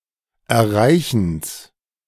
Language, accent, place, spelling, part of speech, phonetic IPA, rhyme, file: German, Germany, Berlin, Erreichens, noun, [ɛɐ̯ˈʁaɪ̯çn̩s], -aɪ̯çn̩s, De-Erreichens.ogg
- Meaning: genitive of Erreichen